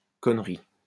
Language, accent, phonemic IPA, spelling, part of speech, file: French, France, /kɔn.ʁi/, connerie, noun, LL-Q150 (fra)-connerie.wav
- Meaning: 1. foolish act 2. bullshit 3. stupidity